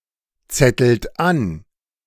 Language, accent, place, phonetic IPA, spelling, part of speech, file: German, Germany, Berlin, [ˌt͡sɛtl̩t ˈan], zettelt an, verb, De-zettelt an.ogg
- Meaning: inflection of anzetteln: 1. second-person plural present 2. third-person singular present 3. plural imperative